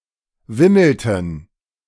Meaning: inflection of wimmeln: 1. first/third-person plural preterite 2. first/third-person plural subjunctive II
- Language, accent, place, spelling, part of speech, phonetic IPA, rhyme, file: German, Germany, Berlin, wimmelten, verb, [ˈvɪml̩tn̩], -ɪml̩tn̩, De-wimmelten.ogg